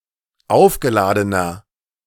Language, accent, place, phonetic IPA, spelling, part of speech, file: German, Germany, Berlin, [ˈaʊ̯fɡəˌlaːdənɐ], aufgeladener, adjective, De-aufgeladener.ogg
- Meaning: inflection of aufgeladen: 1. strong/mixed nominative masculine singular 2. strong genitive/dative feminine singular 3. strong genitive plural